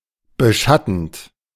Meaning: present participle of beschatten
- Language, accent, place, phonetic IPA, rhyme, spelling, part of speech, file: German, Germany, Berlin, [bəˈʃatn̩t], -atn̩t, beschattend, verb, De-beschattend.ogg